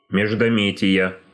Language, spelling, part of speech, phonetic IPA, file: Russian, междометия, noun, [mʲɪʐdɐˈmʲetʲɪjə], Ru-междометия.ogg
- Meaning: inflection of междоме́тие (meždométije): 1. genitive singular 2. nominative/accusative plural